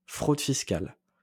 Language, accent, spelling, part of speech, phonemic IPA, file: French, France, fraude fiscale, noun, /fʁod fis.kal/, LL-Q150 (fra)-fraude fiscale.wav
- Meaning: tax evasion